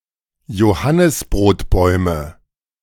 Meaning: nominative/accusative/genitive plural of Johannisbrotbaum "carob trees"
- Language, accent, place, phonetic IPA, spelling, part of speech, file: German, Germany, Berlin, [joˈhanɪsbʁoːtˌbɔɪ̯mə], Johannisbrotbäume, noun, De-Johannisbrotbäume.ogg